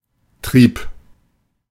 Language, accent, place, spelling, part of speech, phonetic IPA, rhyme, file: German, Germany, Berlin, trieb, verb, [tʁiːp], -iːp, De-trieb.ogg
- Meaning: first/third-person singular preterite of treiben